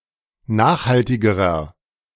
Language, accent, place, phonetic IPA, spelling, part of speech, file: German, Germany, Berlin, [ˈnaːxhaltɪɡəʁɐ], nachhaltigerer, adjective, De-nachhaltigerer.ogg
- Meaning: inflection of nachhaltig: 1. strong/mixed nominative masculine singular comparative degree 2. strong genitive/dative feminine singular comparative degree 3. strong genitive plural comparative degree